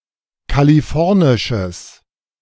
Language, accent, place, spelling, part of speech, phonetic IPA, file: German, Germany, Berlin, kalifornisches, adjective, [kaliˈfɔʁnɪʃəs], De-kalifornisches.ogg
- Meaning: strong/mixed nominative/accusative neuter singular of kalifornisch